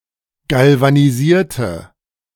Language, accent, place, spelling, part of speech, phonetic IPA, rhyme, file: German, Germany, Berlin, galvanisierte, adjective / verb, [ˌɡalvaniˈziːɐ̯tə], -iːɐ̯tə, De-galvanisierte.ogg
- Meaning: inflection of galvanisieren: 1. first/third-person singular preterite 2. first/third-person singular subjunctive II